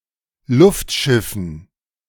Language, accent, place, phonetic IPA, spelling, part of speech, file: German, Germany, Berlin, [ˈlʊftˌʃɪfn̩], Luftschiffen, noun, De-Luftschiffen.ogg
- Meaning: dative plural of Luftschiff